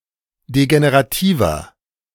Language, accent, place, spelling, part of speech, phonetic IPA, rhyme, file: German, Germany, Berlin, degenerativer, adjective, [deɡeneʁaˈtiːvɐ], -iːvɐ, De-degenerativer.ogg
- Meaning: 1. comparative degree of degenerativ 2. inflection of degenerativ: strong/mixed nominative masculine singular 3. inflection of degenerativ: strong genitive/dative feminine singular